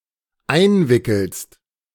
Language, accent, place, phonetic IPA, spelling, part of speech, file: German, Germany, Berlin, [ˈaɪ̯nˌvɪkl̩st], einwickelst, verb, De-einwickelst.ogg
- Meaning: second-person singular dependent present of einwickeln